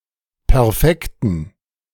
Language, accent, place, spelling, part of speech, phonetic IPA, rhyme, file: German, Germany, Berlin, perfekten, adjective, [pɛʁˈfɛktn̩], -ɛktn̩, De-perfekten.ogg
- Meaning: inflection of perfekt: 1. strong genitive masculine/neuter singular 2. weak/mixed genitive/dative all-gender singular 3. strong/weak/mixed accusative masculine singular 4. strong dative plural